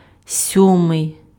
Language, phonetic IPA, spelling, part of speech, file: Ukrainian, [ˈsʲɔmei̯], сьомий, adjective, Uk-сьомий.ogg
- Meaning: seventh